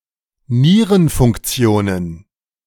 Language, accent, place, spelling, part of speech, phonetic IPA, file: German, Germany, Berlin, Nierenfunktionen, noun, [ˈniːʁənfʊŋkˌt͡si̯oːnən], De-Nierenfunktionen.ogg
- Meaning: plural of Nierenfunktion